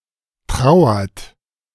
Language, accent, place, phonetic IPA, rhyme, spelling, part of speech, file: German, Germany, Berlin, [ˈtʁaʊ̯ɐt], -aʊ̯ɐt, trauert, verb, De-trauert.ogg
- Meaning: inflection of trauern: 1. third-person singular present 2. second-person plural present 3. plural imperative